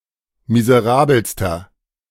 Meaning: inflection of miserabel: 1. strong/mixed nominative masculine singular superlative degree 2. strong genitive/dative feminine singular superlative degree 3. strong genitive plural superlative degree
- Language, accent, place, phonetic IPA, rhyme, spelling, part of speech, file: German, Germany, Berlin, [mizəˈʁaːbl̩stɐ], -aːbl̩stɐ, miserabelster, adjective, De-miserabelster.ogg